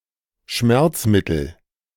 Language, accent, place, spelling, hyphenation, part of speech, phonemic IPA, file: German, Germany, Berlin, Schmerzmittel, Schmerz‧mit‧tel, noun, /ˈʃmɛʁt͡sˌmɪtl̩/, De-Schmerzmittel.ogg
- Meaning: painkiller, analgesic